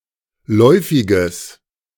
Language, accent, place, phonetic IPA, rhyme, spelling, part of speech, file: German, Germany, Berlin, [ˈlɔɪ̯fɪɡəs], -ɔɪ̯fɪɡəs, läufiges, adjective, De-läufiges.ogg
- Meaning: strong/mixed nominative/accusative neuter singular of läufig